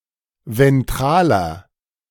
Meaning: inflection of ventral: 1. strong/mixed nominative masculine singular 2. strong genitive/dative feminine singular 3. strong genitive plural
- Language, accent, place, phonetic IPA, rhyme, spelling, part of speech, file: German, Germany, Berlin, [vɛnˈtʁaːlɐ], -aːlɐ, ventraler, adjective, De-ventraler.ogg